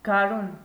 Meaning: spring
- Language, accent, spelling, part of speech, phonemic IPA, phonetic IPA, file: Armenian, Eastern Armenian, գարուն, noun, /ɡɑˈɾun/, [ɡɑɾún], Hy-գարուն.ogg